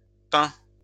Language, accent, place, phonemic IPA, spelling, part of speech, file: French, France, Lyon, /pɛ̃/, pins, noun, LL-Q150 (fra)-pins.wav
- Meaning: plural of pin